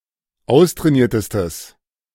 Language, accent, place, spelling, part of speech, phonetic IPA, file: German, Germany, Berlin, austrainiertestes, adjective, [ˈaʊ̯stʁɛːˌniːɐ̯təstəs], De-austrainiertestes.ogg
- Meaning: strong/mixed nominative/accusative neuter singular superlative degree of austrainiert